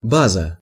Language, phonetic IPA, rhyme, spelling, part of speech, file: Russian, [ˈbazə], -azə, база, noun, Ru-база.ogg
- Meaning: 1. base 2. something, mostly opinion or action, viewed as being based (admirable or praiseworthy) 3. something seen as accurate, relatable or common for a given situation